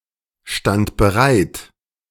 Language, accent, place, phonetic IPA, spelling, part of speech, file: German, Germany, Berlin, [ˌʃtant bəˈʁaɪ̯t], stand bereit, verb, De-stand bereit.ogg
- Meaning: first/third-person singular preterite of bereitstehen